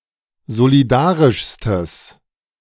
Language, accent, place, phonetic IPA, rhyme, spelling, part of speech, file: German, Germany, Berlin, [zoliˈdaːʁɪʃstəs], -aːʁɪʃstəs, solidarischstes, adjective, De-solidarischstes.ogg
- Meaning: strong/mixed nominative/accusative neuter singular superlative degree of solidarisch